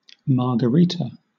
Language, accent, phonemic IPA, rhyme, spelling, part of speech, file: English, Southern England, /ˌmɑː.ɡəˈɹiː.tə/, -iːtə, margarita, noun, LL-Q1860 (eng)-margarita.wav
- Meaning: A cocktail made with tequila, an orange-flavoured liqueur, and lemon or lime juice, often served with salt encrusted on the rim of the glass